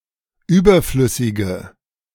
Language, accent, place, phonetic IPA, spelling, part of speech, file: German, Germany, Berlin, [ˈyːbɐˌflʏsɪɡə], überflüssige, adjective, De-überflüssige.ogg
- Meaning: inflection of überflüssig: 1. strong/mixed nominative/accusative feminine singular 2. strong nominative/accusative plural 3. weak nominative all-gender singular